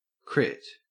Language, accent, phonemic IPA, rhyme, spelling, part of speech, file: English, Australia, /kɹɪt/, -ɪt, crit, noun / verb, En-au-crit.ogg
- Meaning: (noun) 1. Criticism 2. Critique 3. A proponent of critical legal studies 4. A criterium race 5. A critical hit; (verb) To attack with a critical hit; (noun) Haematocrit